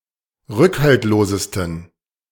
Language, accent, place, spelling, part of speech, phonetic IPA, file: German, Germany, Berlin, rückhaltlosesten, adjective, [ˈʁʏkhaltloːzəstn̩], De-rückhaltlosesten.ogg
- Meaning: 1. superlative degree of rückhaltlos 2. inflection of rückhaltlos: strong genitive masculine/neuter singular superlative degree